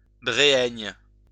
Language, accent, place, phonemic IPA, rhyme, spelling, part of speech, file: French, France, Lyon, /bʁe.ɛɲ/, -ɛɲ, bréhaigne, adjective, LL-Q150 (fra)-bréhaigne.wav
- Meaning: sterile